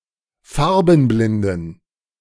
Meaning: inflection of farbenblind: 1. strong genitive masculine/neuter singular 2. weak/mixed genitive/dative all-gender singular 3. strong/weak/mixed accusative masculine singular 4. strong dative plural
- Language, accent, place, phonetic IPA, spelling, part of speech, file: German, Germany, Berlin, [ˈfaʁbn̩ˌblɪndn̩], farbenblinden, adjective, De-farbenblinden.ogg